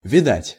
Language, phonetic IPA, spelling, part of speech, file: Russian, [vʲɪˈdatʲ], видать, verb / adjective, Ru-видать.ogg
- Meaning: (verb) 1. to see (many times, frequently); iterative of ви́деть (vídetʹ) 2. to be seen (in the negative sentence, usually in the infinitive); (adjective) it seems, it looks like